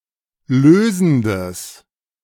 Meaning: strong/mixed nominative/accusative neuter singular of lösend
- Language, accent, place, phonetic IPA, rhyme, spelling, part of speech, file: German, Germany, Berlin, [ˈløːzn̩dəs], -øːzn̩dəs, lösendes, adjective, De-lösendes.ogg